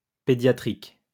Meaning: pediatric
- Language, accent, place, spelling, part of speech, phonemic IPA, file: French, France, Lyon, pédiatrique, adjective, /pe.dja.tʁik/, LL-Q150 (fra)-pédiatrique.wav